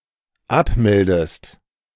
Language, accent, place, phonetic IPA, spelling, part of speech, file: German, Germany, Berlin, [ˈapˌmɛldəst], abmeldest, verb, De-abmeldest.ogg
- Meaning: inflection of abmelden: 1. second-person singular dependent present 2. second-person singular dependent subjunctive I